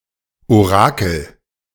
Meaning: oracle
- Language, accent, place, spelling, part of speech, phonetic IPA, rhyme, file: German, Germany, Berlin, Orakel, noun, [oˈʁaːkl̩], -aːkl̩, De-Orakel.ogg